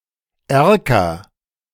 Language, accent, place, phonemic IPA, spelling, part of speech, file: German, Germany, Berlin, /ˈɛʁkɐ/, Erker, noun, De-Erker.ogg
- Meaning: oriel; bay (on houses)